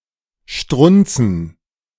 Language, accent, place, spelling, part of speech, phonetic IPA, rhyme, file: German, Germany, Berlin, strunzen, verb, [ˈʃtʁʊnt͡sn̩], -ʊnt͡sn̩, De-strunzen.ogg
- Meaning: to urinate